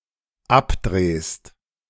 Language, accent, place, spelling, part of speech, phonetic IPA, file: German, Germany, Berlin, abdrehst, verb, [ˈapˌdʁeːst], De-abdrehst.ogg
- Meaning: second-person singular dependent present of abdrehen